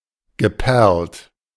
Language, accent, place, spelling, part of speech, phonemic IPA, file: German, Germany, Berlin, geperlt, verb / adjective, /ɡəˈpɛʁlt/, De-geperlt.ogg
- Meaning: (verb) past participle of perlen; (adjective) beaded, pearled